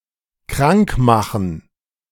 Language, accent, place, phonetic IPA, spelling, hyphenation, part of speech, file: German, Germany, Berlin, [ˈkʁaŋkˌmaxn̩], krankmachen, krank‧ma‧chen, verb, De-krankmachen.ogg
- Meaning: 1. to make sick 2. to avoid work by pretending to be sick, to pull a sickie